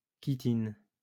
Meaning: chitin (polymer of N-acetylglucosamine, found in arthropod and fungi)
- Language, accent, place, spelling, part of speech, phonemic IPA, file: French, France, Lyon, chitine, noun, /ki.tin/, LL-Q150 (fra)-chitine.wav